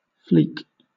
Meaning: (noun) Synonym of flake.: A small, light piece that is only loosely joined to something else, and which has a tendency to detach
- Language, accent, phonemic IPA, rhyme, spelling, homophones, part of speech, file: English, Southern England, /fliːk/, -iːk, fleak, fleek, noun / verb, LL-Q1860 (eng)-fleak.wav